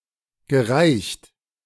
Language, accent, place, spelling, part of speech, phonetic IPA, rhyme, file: German, Germany, Berlin, gereicht, verb, [ɡəˈʁaɪ̯çt], -aɪ̯çt, De-gereicht.ogg
- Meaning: past participle of reichen